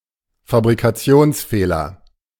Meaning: defect
- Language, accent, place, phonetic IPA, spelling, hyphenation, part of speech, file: German, Germany, Berlin, [fabʁikaˈt͡si̯oːnsˌfeːlɐ], Fabrikationsfehler, Fa‧bri‧ka‧tions‧feh‧ler, noun, De-Fabrikationsfehler.ogg